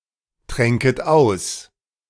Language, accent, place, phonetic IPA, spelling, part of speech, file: German, Germany, Berlin, [ˌtʁɛŋkət ˈaʊ̯s], tränket aus, verb, De-tränket aus.ogg
- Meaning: second-person plural subjunctive II of austrinken